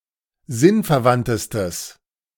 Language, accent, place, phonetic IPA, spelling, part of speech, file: German, Germany, Berlin, [ˈzɪnfɛɐ̯ˌvantəstəs], sinnverwandtestes, adjective, De-sinnverwandtestes.ogg
- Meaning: strong/mixed nominative/accusative neuter singular superlative degree of sinnverwandt